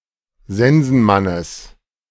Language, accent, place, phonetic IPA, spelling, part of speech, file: German, Germany, Berlin, [ˈzɛnzn̩ˌmanəs], Sensenmannes, noun, De-Sensenmannes.ogg
- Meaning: genitive singular of Sensenmann